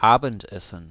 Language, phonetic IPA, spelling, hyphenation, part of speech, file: German, [ˈʔaːbəntˌʔɛsn̩], Abendessen, Abend‧es‧sen, noun, De-Abendessen.ogg
- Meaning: dinner, supper (the evening meal)